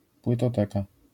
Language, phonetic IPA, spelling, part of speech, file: Polish, [ˌpwɨtɔˈtɛka], płytoteka, noun, LL-Q809 (pol)-płytoteka.wav